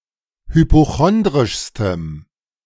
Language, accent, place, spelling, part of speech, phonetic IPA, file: German, Germany, Berlin, hypochondrischstem, adjective, [hypoˈxɔndʁɪʃstəm], De-hypochondrischstem.ogg
- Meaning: strong dative masculine/neuter singular superlative degree of hypochondrisch